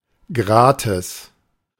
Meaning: free, without charge
- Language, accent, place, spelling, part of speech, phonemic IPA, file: German, Germany, Berlin, gratis, adverb, /ˈɡʁaːtɪs/, De-gratis.ogg